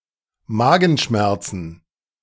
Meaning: plural of Magenschmerz
- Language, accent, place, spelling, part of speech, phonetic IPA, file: German, Germany, Berlin, Magenschmerzen, noun, [ˈmaːɡn̩ˌʃmɛʁt͡sn̩], De-Magenschmerzen.ogg